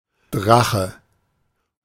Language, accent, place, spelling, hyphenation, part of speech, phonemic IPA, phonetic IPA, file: German, Germany, Berlin, Drache, Dra‧che, noun / proper noun, /ˈdʁaxə/, [ˈdʁäχə], De-Drache.ogg
- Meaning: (noun) 1. dragon 2. kite (with the sense of "toy for children" or "geometrical shape"); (proper noun) Draco